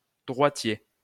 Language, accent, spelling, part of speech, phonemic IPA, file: French, France, droitier, adjective / noun, /dʁwa.tje/, LL-Q150 (fra)-droitier.wav
- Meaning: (adjective) 1. right-handed 2. right-footed 3. synonym of droitiste; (noun) a right-handed or right-footed person; a northpaw